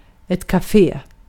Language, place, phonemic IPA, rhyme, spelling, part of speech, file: Swedish, Gotland, /kaˈfeː/, -eː, kafé, noun, Sv-kafé.ogg
- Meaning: a café, a coffee shop